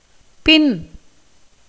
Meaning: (noun) 1. back, rear part 2. end, as in place or time 3. that which is subsequent in time 4. younger brother; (postposition) 1. behind (something), hinderpart, backward 2. after (someone or something)
- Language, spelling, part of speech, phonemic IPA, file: Tamil, பின், noun / postposition / adverb / adjective, /pɪn/, Ta-பின்.ogg